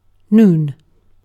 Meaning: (noun) The time of day when the Sun seems to reach its highest point in the sky; solar noon
- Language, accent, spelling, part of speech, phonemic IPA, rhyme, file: English, UK, noon, noun / verb, /nuːn/, -uːn, En-uk-noon.ogg